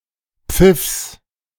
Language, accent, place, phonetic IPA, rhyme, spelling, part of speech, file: German, Germany, Berlin, [p͡fɪfs], -ɪfs, Pfiffs, noun, De-Pfiffs.ogg
- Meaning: genitive singular of Pfiff